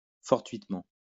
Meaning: fortuitously
- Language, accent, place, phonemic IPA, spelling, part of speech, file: French, France, Lyon, /fɔʁ.tɥit.mɑ̃/, fortuitement, adverb, LL-Q150 (fra)-fortuitement.wav